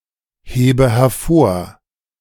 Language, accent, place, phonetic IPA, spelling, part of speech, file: German, Germany, Berlin, [ˌheːbə hɛɐ̯ˈfoːɐ̯], hebe hervor, verb, De-hebe hervor.ogg
- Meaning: inflection of hervorheben: 1. first-person singular present 2. first/third-person singular subjunctive I 3. singular imperative